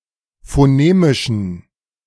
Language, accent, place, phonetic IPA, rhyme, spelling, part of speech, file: German, Germany, Berlin, [foˈneːmɪʃn̩], -eːmɪʃn̩, phonemischen, adjective, De-phonemischen.ogg
- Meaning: inflection of phonemisch: 1. strong genitive masculine/neuter singular 2. weak/mixed genitive/dative all-gender singular 3. strong/weak/mixed accusative masculine singular 4. strong dative plural